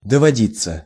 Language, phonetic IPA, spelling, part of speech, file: Russian, [dəvɐˈdʲit͡sːə], доводиться, verb, Ru-доводиться.ogg
- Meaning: 1. to have an occasion (to), to happen (to) 2. to be related to 3. passive of доводи́ть (dovodítʹ)